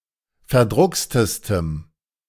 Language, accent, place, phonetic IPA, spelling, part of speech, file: German, Germany, Berlin, [fɛɐ̯ˈdʁʊkstəstəm], verdruckstestem, adjective, De-verdruckstestem.ogg
- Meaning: strong dative masculine/neuter singular superlative degree of verdruckst